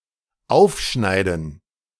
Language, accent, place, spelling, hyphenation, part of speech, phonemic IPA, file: German, Germany, Berlin, aufschneiden, auf‧schnei‧den, verb, /ˈaʊ̯fˌʃnaɪ̯dən/, De-aufschneiden.ogg
- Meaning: 1. to cut open 2. to cut (food, e.g. bread or ham) into slices or pieces suitable for serving 3. to brag; to exaggerate one’s talents or achievements